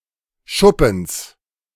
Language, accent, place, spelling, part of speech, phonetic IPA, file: German, Germany, Berlin, Schuppens, noun, [ˈʃʊpm̩s], De-Schuppens.ogg
- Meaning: genitive singular of Schuppen